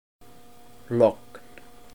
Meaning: calm
- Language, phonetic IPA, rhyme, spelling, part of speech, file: Icelandic, [ˈlɔkn̥], -ɔkn̥, logn, noun, Is-logn.ogg